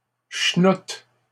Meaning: crap, shit (something worthless)
- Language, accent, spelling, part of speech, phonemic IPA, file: French, Canada, chnoute, noun, /ʃnut/, LL-Q150 (fra)-chnoute.wav